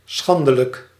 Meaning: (adjective) shameful, disgraceful, dishonourable; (adverb) shamefully
- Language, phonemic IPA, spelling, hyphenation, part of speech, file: Dutch, /ˈsxɑn.də.lək/, schandelijk, schan‧de‧lijk, adjective / adverb, Nl-schandelijk.ogg